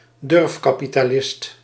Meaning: venture capitalist
- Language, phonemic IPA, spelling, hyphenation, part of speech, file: Dutch, /ˈdʏrf.kaː.pi.taːˌlɪst/, durfkapitalist, durf‧ka‧pi‧ta‧list, noun, Nl-durfkapitalist.ogg